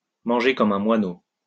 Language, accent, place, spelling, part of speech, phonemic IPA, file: French, France, Lyon, manger comme un moineau, verb, /mɑ̃.ʒe kɔ.m‿œ̃ mwa.no/, LL-Q150 (fra)-manger comme un moineau.wav
- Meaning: to eat like a bird (to eat very little)